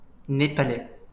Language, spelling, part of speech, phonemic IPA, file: French, népalais, adjective / noun, /ne.pa.lɛ/, LL-Q150 (fra)-népalais.wav
- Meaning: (adjective) of Nepal; Nepalese, Nepali; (noun) Nepalese (the language)